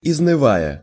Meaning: present adverbial imperfective participle of изныва́ть (iznyvátʹ)
- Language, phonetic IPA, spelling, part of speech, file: Russian, [ɪznɨˈvajə], изнывая, verb, Ru-изнывая.ogg